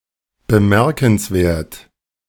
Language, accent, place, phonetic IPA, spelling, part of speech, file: German, Germany, Berlin, [bəˈmɛʁkn̩sˌveːɐ̯t], bemerkenswert, adjective, De-bemerkenswert.ogg
- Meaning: remarkable, noteworthy